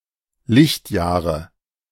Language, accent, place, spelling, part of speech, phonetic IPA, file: German, Germany, Berlin, Lichtjahre, noun, [ˈlɪçtˌjaːʁə], De-Lichtjahre.ogg
- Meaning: 1. dative singular of Lichtjahr 2. nominative plural of Lichtjahr 3. accusative plural of Lichtjahr 4. genitive plural of Lichtjahr